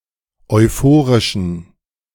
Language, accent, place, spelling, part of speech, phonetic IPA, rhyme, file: German, Germany, Berlin, euphorischen, adjective, [ɔɪ̯ˈfoːʁɪʃn̩], -oːʁɪʃn̩, De-euphorischen.ogg
- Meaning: inflection of euphorisch: 1. strong genitive masculine/neuter singular 2. weak/mixed genitive/dative all-gender singular 3. strong/weak/mixed accusative masculine singular 4. strong dative plural